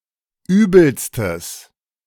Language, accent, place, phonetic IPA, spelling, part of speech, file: German, Germany, Berlin, [ˈyːbl̩stəs], übelstes, adjective, De-übelstes.ogg
- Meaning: strong/mixed nominative/accusative neuter singular superlative degree of übel